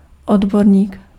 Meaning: expert, specialist
- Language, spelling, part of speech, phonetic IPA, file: Czech, odborník, noun, [ˈodborɲiːk], Cs-odborník.ogg